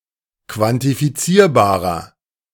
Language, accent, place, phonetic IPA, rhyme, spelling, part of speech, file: German, Germany, Berlin, [kvantifiˈt͡siːɐ̯baːʁɐ], -iːɐ̯baːʁɐ, quantifizierbarer, adjective, De-quantifizierbarer.ogg
- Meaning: inflection of quantifizierbar: 1. strong/mixed nominative masculine singular 2. strong genitive/dative feminine singular 3. strong genitive plural